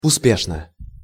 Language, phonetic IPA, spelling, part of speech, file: Russian, [ʊˈspʲeʂnə], успешно, adverb / adjective, Ru-успешно.ogg
- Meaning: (adverb) successfully; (adjective) short neuter singular of успе́шный (uspéšnyj)